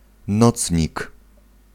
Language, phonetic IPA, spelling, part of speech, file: Polish, [ˈnɔt͡sʲɲik], nocnik, noun, Pl-nocnik.ogg